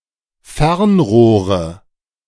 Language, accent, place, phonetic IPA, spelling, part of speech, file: German, Germany, Berlin, [ˈfɛʁnˌʁoːʁə], Fernrohre, noun, De-Fernrohre.ogg
- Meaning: nominative/accusative/genitive plural of Fernrohr